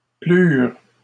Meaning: 1. third-person plural past historic indicative of plaire 2. third-person plural past historic indicative of pleuvoir
- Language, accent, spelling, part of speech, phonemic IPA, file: French, Canada, plurent, verb, /plyʁ/, LL-Q150 (fra)-plurent.wav